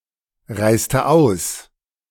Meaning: inflection of ausreisen: 1. first/third-person singular preterite 2. first/third-person singular subjunctive II
- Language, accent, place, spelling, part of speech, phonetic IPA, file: German, Germany, Berlin, reiste aus, verb, [ˌʁaɪ̯stə ˈaʊ̯s], De-reiste aus.ogg